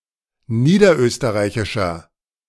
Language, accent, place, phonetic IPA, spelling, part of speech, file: German, Germany, Berlin, [ˈniːdɐˌʔøːstəʁaɪ̯çɪʃɐ], niederösterreichischer, adjective, De-niederösterreichischer.ogg
- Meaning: inflection of niederösterreichisch: 1. strong/mixed nominative masculine singular 2. strong genitive/dative feminine singular 3. strong genitive plural